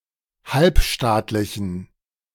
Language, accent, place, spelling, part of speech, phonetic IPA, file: German, Germany, Berlin, halbstaatlichen, adjective, [ˈhalpˌʃtaːtlɪçn̩], De-halbstaatlichen.ogg
- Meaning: inflection of halbstaatlich: 1. strong genitive masculine/neuter singular 2. weak/mixed genitive/dative all-gender singular 3. strong/weak/mixed accusative masculine singular 4. strong dative plural